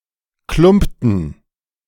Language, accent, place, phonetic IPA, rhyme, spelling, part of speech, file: German, Germany, Berlin, [ˈklʊmptn̩], -ʊmptn̩, klumpten, verb, De-klumpten.ogg
- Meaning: inflection of klumpen: 1. first/third-person plural preterite 2. first/third-person plural subjunctive II